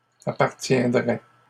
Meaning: third-person singular conditional of appartenir
- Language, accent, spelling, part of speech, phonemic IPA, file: French, Canada, appartiendrait, verb, /a.paʁ.tjɛ̃.dʁɛ/, LL-Q150 (fra)-appartiendrait.wav